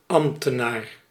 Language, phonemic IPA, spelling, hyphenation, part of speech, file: Dutch, /ˈɑm(p).təˌnaːr/, ambtenaar, amb‧te‧naar, noun, Nl-ambtenaar.ogg
- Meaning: civil servant